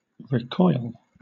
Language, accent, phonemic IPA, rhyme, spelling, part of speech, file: English, Southern England, /ɹɪˈkɔɪl/, -ɔɪl, recoil, verb, LL-Q1860 (eng)-recoil.wav
- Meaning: 1. To pull back, especially in disgust, horror or astonishment 2. To recoil before an opponent 3. Of a firearm: to quickly push back when fired 4. To retire, withdraw